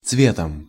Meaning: instrumental singular of цвет (cvet)
- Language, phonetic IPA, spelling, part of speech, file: Russian, [ˈt͡svʲetəm], цветом, noun, Ru-цветом.ogg